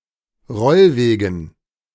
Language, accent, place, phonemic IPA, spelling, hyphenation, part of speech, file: German, Germany, Berlin, /ˈʁɔlˌveːɡn̩/, Rollwegen, Roll‧we‧gen, noun, De-Rollwegen.ogg
- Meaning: dative plural of Rollweg